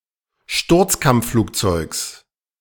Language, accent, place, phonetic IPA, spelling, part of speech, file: German, Germany, Berlin, [ˈʃtʊʁt͡skamp͡fˌfluːkt͡sɔɪ̯ks], Sturzkampfflugzeugs, noun, De-Sturzkampfflugzeugs.ogg
- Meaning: genitive singular of Sturzkampfflugzeug